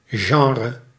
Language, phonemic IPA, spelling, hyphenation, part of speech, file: Dutch, /ˈʒɑnrə/, genre, gen‧re, noun, Nl-genre.ogg
- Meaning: kind, type, genre